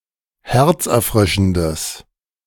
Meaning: strong/mixed nominative/accusative neuter singular of herzerfrischend
- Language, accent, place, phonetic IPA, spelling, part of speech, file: German, Germany, Berlin, [ˈhɛʁt͡sʔɛɐ̯ˌfʁɪʃn̩dəs], herzerfrischendes, adjective, De-herzerfrischendes.ogg